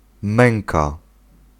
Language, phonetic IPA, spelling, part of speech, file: Polish, [ˈmɛ̃ŋka], męka, noun, Pl-męka.ogg